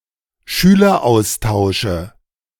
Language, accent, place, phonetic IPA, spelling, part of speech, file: German, Germany, Berlin, [ˈʃyːlɐˌʔaʊ̯staʊ̯ʃə], Schüleraustausche, noun, De-Schüleraustausche.ogg
- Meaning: nominative/accusative/genitive plural of Schüleraustausch